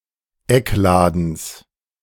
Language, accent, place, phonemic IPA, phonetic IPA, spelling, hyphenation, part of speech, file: German, Germany, Berlin, /ˈɛkˌlaːdəns/, [ˈɛkˌlaːdn̩s], Eckladens, Eck‧la‧dens, noun, De-Eckladens.ogg
- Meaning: genitive singular of Eckladen